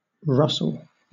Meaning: 1. An English, Scottish and Irish surname transferred from the nickname from the Norman nickname for someone with red hair 2. A male given name transferred from the surname; diminutive form Russ
- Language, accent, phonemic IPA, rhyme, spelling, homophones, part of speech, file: English, Southern England, /ˈɹʌsəl/, -ʌsəl, Russell, Russel / rustle, proper noun, LL-Q1860 (eng)-Russell.wav